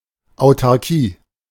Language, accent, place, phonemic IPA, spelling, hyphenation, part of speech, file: German, Germany, Berlin, /aʊ̯tarˈkiː/, Autarkie, Au‧tar‧kie, noun, De-Autarkie.ogg
- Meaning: self-sufficiency, autarky